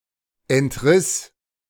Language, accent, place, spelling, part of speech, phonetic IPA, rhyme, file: German, Germany, Berlin, entriss, verb, [ɛntˈʁɪs], -ɪs, De-entriss.ogg
- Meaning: first/third-person singular preterite of entreißen